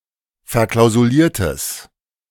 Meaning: strong/mixed nominative/accusative neuter singular of verklausuliert
- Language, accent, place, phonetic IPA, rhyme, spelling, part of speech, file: German, Germany, Berlin, [fɛɐ̯ˌklaʊ̯zuˈliːɐ̯təs], -iːɐ̯təs, verklausuliertes, adjective, De-verklausuliertes.ogg